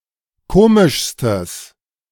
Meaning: strong/mixed nominative/accusative neuter singular superlative degree of komisch
- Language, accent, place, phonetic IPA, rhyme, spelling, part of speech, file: German, Germany, Berlin, [ˈkoːmɪʃstəs], -oːmɪʃstəs, komischstes, adjective, De-komischstes.ogg